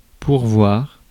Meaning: 1. to equip, provide, endow someone 2. to fill (a seat, job vacancy) 3. to provide 4. to provide oneself 5. to appeal
- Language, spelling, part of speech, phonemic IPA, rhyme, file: French, pourvoir, verb, /puʁ.vwaʁ/, -waʁ, Fr-pourvoir.ogg